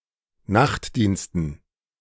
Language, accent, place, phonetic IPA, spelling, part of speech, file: German, Germany, Berlin, [ˈnaxtˌdiːnstn̩], Nachtdiensten, noun, De-Nachtdiensten.ogg
- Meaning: dative plural of Nachtdienst